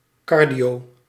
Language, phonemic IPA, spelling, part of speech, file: Dutch, /ˈkɑr.di.oː/, cardio-, prefix, Nl-cardio-.ogg
- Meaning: cardio-: Pertaining to the heart